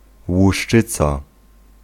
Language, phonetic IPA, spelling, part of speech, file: Polish, [wuʃˈt͡ʃɨt͡sa], łuszczyca, noun, Pl-łuszczyca.ogg